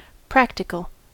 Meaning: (adjective) 1. Relating to, or based on, practice or action rather than theory or hypothesis 2. Being likely to be effective and applicable to a real situation; able to be put to use
- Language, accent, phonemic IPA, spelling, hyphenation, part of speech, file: English, US, /ˈpɹæk.tɪ.kəl/, practical, prac‧ti‧cal, adjective / noun, En-us-practical.ogg